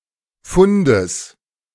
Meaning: genitive singular of Fund
- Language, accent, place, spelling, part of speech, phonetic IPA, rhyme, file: German, Germany, Berlin, Fundes, noun, [ˈfʊndəs], -ʊndəs, De-Fundes.ogg